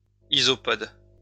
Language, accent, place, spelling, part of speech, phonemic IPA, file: French, France, Lyon, isopode, noun, /i.zɔ.pɔd/, LL-Q150 (fra)-isopode.wav
- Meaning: isopod